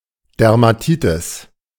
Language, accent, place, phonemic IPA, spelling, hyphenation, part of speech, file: German, Germany, Berlin, /dɛʁmaˈtiːtɪs/, Dermatitis, Der‧ma‧ti‧tis, noun, De-Dermatitis.ogg
- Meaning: dermatitis